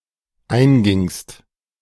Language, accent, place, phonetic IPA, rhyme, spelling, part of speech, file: German, Germany, Berlin, [ˈaɪ̯nˌɡɪŋst], -aɪ̯nɡɪŋst, eingingst, verb, De-eingingst.ogg
- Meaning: second-person singular dependent preterite of eingehen